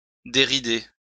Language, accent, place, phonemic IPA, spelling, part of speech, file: French, France, Lyon, /de.ʁi.de/, dérider, verb, LL-Q150 (fra)-dérider.wav
- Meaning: 1. to smooth, remove the wrinkles from 2. to brighten up, cheer up